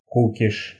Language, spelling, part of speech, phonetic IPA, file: Russian, кукиш, noun, [ˈkukʲɪʂ], Ru-ку́киш.ogg
- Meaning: rude gesture in which the hand makes a fist and the thumb is stuck between the index and middle fingers; indicates nothing for you, nuts to you